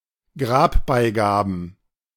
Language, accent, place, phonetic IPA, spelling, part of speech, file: German, Germany, Berlin, [ˈɡʁaːpˌbaɪ̯ɡaːbn̩], Grabbeigaben, noun, De-Grabbeigaben.ogg
- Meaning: plural of Grabbeigabe